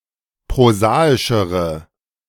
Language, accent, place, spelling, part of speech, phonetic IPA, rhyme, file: German, Germany, Berlin, prosaischere, adjective, [pʁoˈzaːɪʃəʁə], -aːɪʃəʁə, De-prosaischere.ogg
- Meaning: inflection of prosaisch: 1. strong/mixed nominative/accusative feminine singular comparative degree 2. strong nominative/accusative plural comparative degree